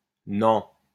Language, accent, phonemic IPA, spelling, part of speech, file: French, France, /nɑ̃/, nan, adverb, LL-Q150 (fra)-nan.wav
- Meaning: Informal form of non ; nah, nope